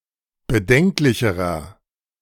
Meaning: inflection of bedenklich: 1. strong/mixed nominative masculine singular comparative degree 2. strong genitive/dative feminine singular comparative degree 3. strong genitive plural comparative degree
- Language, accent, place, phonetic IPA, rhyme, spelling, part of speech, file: German, Germany, Berlin, [bəˈdɛŋklɪçəʁɐ], -ɛŋklɪçəʁɐ, bedenklicherer, adjective, De-bedenklicherer.ogg